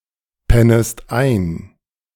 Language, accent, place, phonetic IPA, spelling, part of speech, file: German, Germany, Berlin, [ˌpɛnəst ˈaɪ̯n], pennest ein, verb, De-pennest ein.ogg
- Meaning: second-person singular subjunctive I of einpennen